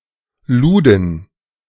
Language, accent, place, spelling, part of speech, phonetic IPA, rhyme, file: German, Germany, Berlin, luden, verb, [ˈluːdn̩], -uːdn̩, De-luden.ogg
- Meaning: first/third-person plural preterite of laden